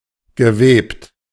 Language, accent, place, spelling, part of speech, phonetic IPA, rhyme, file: German, Germany, Berlin, gewebt, verb, [ɡəˈveːpt], -eːpt, De-gewebt.ogg
- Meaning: past participle of weben